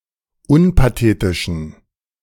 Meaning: inflection of unpathetisch: 1. strong genitive masculine/neuter singular 2. weak/mixed genitive/dative all-gender singular 3. strong/weak/mixed accusative masculine singular 4. strong dative plural
- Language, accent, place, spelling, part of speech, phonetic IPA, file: German, Germany, Berlin, unpathetischen, adjective, [ˈʊnpaˌteːtɪʃn̩], De-unpathetischen.ogg